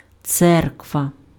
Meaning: 1. church (building) 2. church (Christian organisation)
- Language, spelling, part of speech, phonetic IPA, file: Ukrainian, церква, noun, [ˈt͡sɛrkʋɐ], Uk-церква.ogg